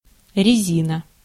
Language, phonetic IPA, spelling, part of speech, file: Russian, [rʲɪˈzʲinə], резина, noun, Ru-резина.ogg
- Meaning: 1. rubber (pliable material derived from the sap of the rubber tree) 2. tire/tyre